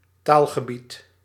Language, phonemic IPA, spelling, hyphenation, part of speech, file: Dutch, /ˈtaːl.ɣəˌbit/, taalgebied, taal‧ge‧bied, noun, Nl-taalgebied.ogg
- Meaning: language area, Sprachraum